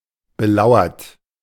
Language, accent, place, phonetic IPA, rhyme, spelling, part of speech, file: German, Germany, Berlin, [bəˈlaʊ̯ɐt], -aʊ̯ɐt, belauert, verb, De-belauert.ogg
- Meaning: 1. past participle of belauern 2. inflection of belauern: third-person singular present 3. inflection of belauern: second-person plural present 4. inflection of belauern: plural imperative